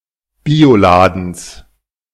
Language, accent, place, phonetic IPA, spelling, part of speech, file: German, Germany, Berlin, [ˈbiːoˌlaːdn̩s], Bioladens, noun, De-Bioladens.ogg
- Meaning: genitive singular of Bioladen